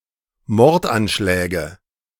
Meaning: nominative/accusative/genitive plural of Mordanschlag
- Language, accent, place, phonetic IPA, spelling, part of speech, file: German, Germany, Berlin, [ˈmɔʁtʔanˌʃlɛːɡə], Mordanschläge, noun, De-Mordanschläge.ogg